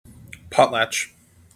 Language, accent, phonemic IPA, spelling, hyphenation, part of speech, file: English, General American, /ˈpɑtˌlæt͡ʃ/, potlatch, pot‧latch, noun / verb, En-us-potlatch.mp3
- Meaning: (noun) A ceremony amongst certain indigenous peoples of the Pacific Northwest in which gifts are bestowed upon guests and personal property is destroyed in a show of generosity and wealth